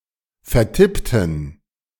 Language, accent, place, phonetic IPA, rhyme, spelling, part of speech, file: German, Germany, Berlin, [fɛɐ̯ˈtɪptn̩], -ɪptn̩, vertippten, adjective / verb, De-vertippten.ogg
- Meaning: inflection of vertippen: 1. first/third-person plural preterite 2. first/third-person plural subjunctive II